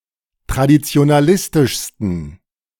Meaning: 1. superlative degree of traditionalistisch 2. inflection of traditionalistisch: strong genitive masculine/neuter singular superlative degree
- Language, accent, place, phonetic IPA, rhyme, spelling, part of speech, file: German, Germany, Berlin, [tʁadit͡si̯onaˈlɪstɪʃstn̩], -ɪstɪʃstn̩, traditionalistischsten, adjective, De-traditionalistischsten.ogg